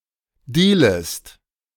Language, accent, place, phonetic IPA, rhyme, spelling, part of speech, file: German, Germany, Berlin, [ˈdiːləst], -iːləst, dealest, verb, De-dealest.ogg
- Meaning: second-person singular subjunctive I of dealen